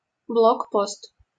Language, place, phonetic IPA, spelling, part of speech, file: Russian, Saint Petersburg, [ˌbɫokˈpost], блокпост, noun, LL-Q7737 (rus)-блокпост.wav
- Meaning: checkpoint; signal box; roadblock